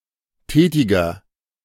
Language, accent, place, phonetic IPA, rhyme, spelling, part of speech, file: German, Germany, Berlin, [ˈtɛːtɪɡɐ], -ɛːtɪɡɐ, tätiger, adjective, De-tätiger.ogg
- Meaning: inflection of tätig: 1. strong/mixed nominative masculine singular 2. strong genitive/dative feminine singular 3. strong genitive plural